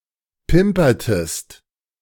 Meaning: inflection of pimpern: 1. second-person singular preterite 2. second-person singular subjunctive II
- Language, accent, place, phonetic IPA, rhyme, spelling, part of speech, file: German, Germany, Berlin, [ˈpɪmpɐtəst], -ɪmpɐtəst, pimpertest, verb, De-pimpertest.ogg